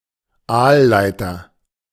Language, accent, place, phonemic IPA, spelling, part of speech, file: German, Germany, Berlin, /ˈaːlˌlaɪ̯tɐ/, Aalleiter, noun, De-Aalleiter.ogg
- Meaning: eel ladder